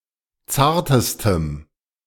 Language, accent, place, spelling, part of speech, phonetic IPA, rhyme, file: German, Germany, Berlin, zartestem, adjective, [ˈt͡saːɐ̯təstəm], -aːɐ̯təstəm, De-zartestem.ogg
- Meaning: strong dative masculine/neuter singular superlative degree of zart